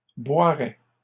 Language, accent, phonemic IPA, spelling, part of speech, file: French, Canada, /bwa.ʁɛ/, boiraient, verb, LL-Q150 (fra)-boiraient.wav
- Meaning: third-person plural conditional of boire